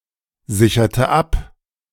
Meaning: inflection of absichern: 1. first/third-person singular preterite 2. first/third-person singular subjunctive II
- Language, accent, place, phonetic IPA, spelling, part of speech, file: German, Germany, Berlin, [ˌzɪçɐtə ˈap], sicherte ab, verb, De-sicherte ab.ogg